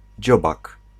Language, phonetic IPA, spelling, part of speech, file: Polish, [ˈd͡ʑɔbak], dziobak, noun, Pl-dziobak.ogg